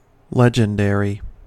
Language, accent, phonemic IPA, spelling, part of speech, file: English, US, /ˈlɛd͡ʒ.ənˌdɛɹ.i/, legendary, adjective / noun, En-us-legendary.ogg
- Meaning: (adjective) 1. Of or pertaining to a legend or to legends 2. Appearing (solely) in legends 3. Having the splendor of a legend; fabled